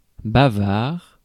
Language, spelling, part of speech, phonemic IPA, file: French, bavard, adjective / noun, /ba.vaʁ/, Fr-bavard.ogg
- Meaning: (adjective) chatty, talkative, garrulous; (noun) chatterbox (chatty person)